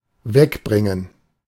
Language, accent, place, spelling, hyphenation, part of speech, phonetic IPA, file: German, Germany, Berlin, wegbringen, weg‧brin‧gen, verb, [ˈvɛkˌbʁɪŋən], De-wegbringen.ogg
- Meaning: 1. to move away, to take away 2. to get rid of 3. to see off